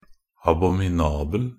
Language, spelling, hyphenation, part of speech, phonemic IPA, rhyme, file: Norwegian Bokmål, abominabel, a‧bo‧mi‧na‧bel, adjective, /abɔmɪˈnɑːbəl/, -əl, Nb-abominabel.ogg
- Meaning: abominable (worthy of, or causing, abhorrence, as a thing of evil omen; odious in the utmost degree; very hateful; detestable; loathsome; execrable)